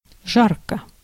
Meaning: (adverb) hotly; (adjective) 1. it is hot 2. short neuter singular of жа́ркий (žárkij, “ardent; hot, torrid; hot, heated; sultry”)
- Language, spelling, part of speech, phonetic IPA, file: Russian, жарко, adverb / adjective, [ˈʐarkə], Ru-жарко.ogg